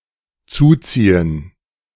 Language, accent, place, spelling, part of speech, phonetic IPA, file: German, Germany, Berlin, zuziehen, verb, [ˈt͡suːˌt͡siːən], De-zuziehen.ogg
- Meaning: 1. to move here; to come to a place (from the perspective of those already living there) 2. to draw (together); to shut by pulling 3. to sustain, to contract, to incur, to pick up